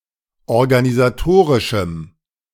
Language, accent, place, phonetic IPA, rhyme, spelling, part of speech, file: German, Germany, Berlin, [ɔʁɡanizaˈtoːʁɪʃm̩], -oːʁɪʃm̩, organisatorischem, adjective, De-organisatorischem.ogg
- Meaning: strong dative masculine/neuter singular of organisatorisch